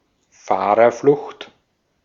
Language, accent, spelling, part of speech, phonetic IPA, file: German, Austria, Fahrerflucht, noun, [ˈfaːʁɐˌflʊxt], De-at-Fahrerflucht.ogg
- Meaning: hit-and-run